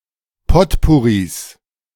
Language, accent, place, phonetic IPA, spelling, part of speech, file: German, Germany, Berlin, [ˈpɔtpʊʁis], Potpourris, noun, De-Potpourris.ogg
- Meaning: plural of Potpourri